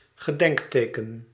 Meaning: memorial stone, gravestone, commemorative monument
- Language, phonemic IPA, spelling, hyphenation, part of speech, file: Dutch, /ɣəˈdɛŋkˌteː.kən/, gedenkteken, ge‧denk‧te‧ken, noun, Nl-gedenkteken.ogg